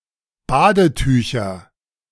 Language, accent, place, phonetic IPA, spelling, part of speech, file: German, Germany, Berlin, [ˈbaːdəˌtyːçɐ], Badetücher, noun, De-Badetücher.ogg
- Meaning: nominative/accusative/genitive plural of Badetuch